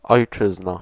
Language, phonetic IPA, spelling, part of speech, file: Polish, [ɔjˈt͡ʃɨzna], ojczyzna, noun, Pl-ojczyzna.ogg